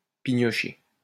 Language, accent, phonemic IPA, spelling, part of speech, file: French, France, /pi.ɲɔ.ʃe/, pignocher, verb, LL-Q150 (fra)-pignocher.wav
- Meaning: to pick at one's food